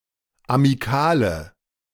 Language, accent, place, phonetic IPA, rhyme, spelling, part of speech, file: German, Germany, Berlin, [amiˈkaːlə], -aːlə, amikale, adjective, De-amikale.ogg
- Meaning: inflection of amikal: 1. strong/mixed nominative/accusative feminine singular 2. strong nominative/accusative plural 3. weak nominative all-gender singular 4. weak accusative feminine/neuter singular